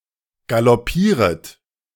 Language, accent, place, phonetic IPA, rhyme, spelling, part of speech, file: German, Germany, Berlin, [ɡalɔˈpiːʁət], -iːʁət, galoppieret, verb, De-galoppieret.ogg
- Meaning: second-person plural subjunctive I of galoppieren